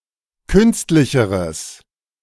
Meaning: strong/mixed nominative/accusative neuter singular comparative degree of künstlich
- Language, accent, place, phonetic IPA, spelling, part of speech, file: German, Germany, Berlin, [ˈkʏnstlɪçəʁəs], künstlicheres, adjective, De-künstlicheres.ogg